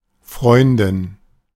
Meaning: female equivalent of Freund
- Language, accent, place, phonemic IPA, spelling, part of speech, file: German, Germany, Berlin, /ˈfʁɔʏ̯ndɪn/, Freundin, noun, De-Freundin.ogg